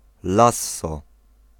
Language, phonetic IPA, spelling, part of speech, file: Polish, [ˈlasːɔ], lasso, noun, Pl-lasso.ogg